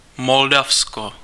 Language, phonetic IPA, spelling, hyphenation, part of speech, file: Czech, [ˈmoldafsko], Moldavsko, Mol‧dav‧sko, proper noun, Cs-Moldavsko.ogg
- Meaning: Moldova (a country in Eastern Europe)